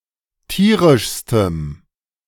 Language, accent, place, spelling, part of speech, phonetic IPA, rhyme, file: German, Germany, Berlin, tierischstem, adjective, [ˈtiːʁɪʃstəm], -iːʁɪʃstəm, De-tierischstem.ogg
- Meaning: strong dative masculine/neuter singular superlative degree of tierisch